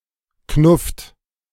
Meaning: inflection of knuffen: 1. second-person plural present 2. third-person singular present 3. plural imperative
- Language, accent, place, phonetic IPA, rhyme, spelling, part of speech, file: German, Germany, Berlin, [knʊft], -ʊft, knufft, verb, De-knufft.ogg